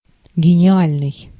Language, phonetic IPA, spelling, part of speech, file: Russian, [ɡʲɪnʲɪˈalʲnɨj], гениальный, adjective, Ru-гениальный.ogg
- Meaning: brilliant, ingenious